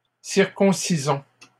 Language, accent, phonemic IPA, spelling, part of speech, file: French, Canada, /siʁ.kɔ̃.si.zɔ̃/, circoncisons, verb, LL-Q150 (fra)-circoncisons.wav
- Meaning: inflection of circoncire: 1. first-person plural present indicative 2. first-person plural imperative